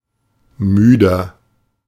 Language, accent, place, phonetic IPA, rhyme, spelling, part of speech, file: German, Germany, Berlin, [ˈmyːdɐ], -yːdɐ, müder, adjective, De-müder.ogg
- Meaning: 1. comparative degree of müde 2. inflection of müde: strong/mixed nominative masculine singular 3. inflection of müde: strong genitive/dative feminine singular